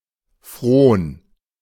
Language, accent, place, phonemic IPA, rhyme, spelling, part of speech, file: German, Germany, Berlin, /fʁoːn/, -oːn, Fron, noun, De-Fron.ogg
- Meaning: 1. socage 2. hard work, slavery